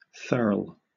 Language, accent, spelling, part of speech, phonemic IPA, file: English, Southern England, thurl, noun / verb, /θɜːl/, LL-Q1860 (eng)-thurl.wav
- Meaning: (noun) 1. Alternative form of thirl 2. Either of the rear hip joints where the hip connects to the upper leg in certain animals, particularly cattle; often used as a reference point for measurement